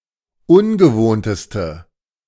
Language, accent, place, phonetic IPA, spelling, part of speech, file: German, Germany, Berlin, [ˈʊnɡəˌvoːntəstə], ungewohnteste, adjective, De-ungewohnteste.ogg
- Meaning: inflection of ungewohnt: 1. strong/mixed nominative/accusative feminine singular superlative degree 2. strong nominative/accusative plural superlative degree